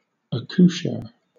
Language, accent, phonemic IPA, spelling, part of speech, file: English, Southern England, /ˌæ.kuˈʃɜː/, accoucheur, noun, LL-Q1860 (eng)-accoucheur.wav
- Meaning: A person, especially a man, who delivers a baby (in childbirth)